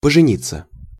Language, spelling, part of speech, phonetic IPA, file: Russian, пожениться, verb, [pəʐɨˈnʲit͡sːə], Ru-пожениться.ogg
- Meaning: 1. to marry (as a couple) 2. passive of пожени́ть (poženítʹ)